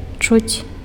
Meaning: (verb) 1. to hear 2. to feel, to sense 3. to smell; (adverb) 1. a little, slightly 2. barely
- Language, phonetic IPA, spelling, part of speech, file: Belarusian, [t͡ʂut͡sʲ], чуць, verb / adverb, Be-чуць.ogg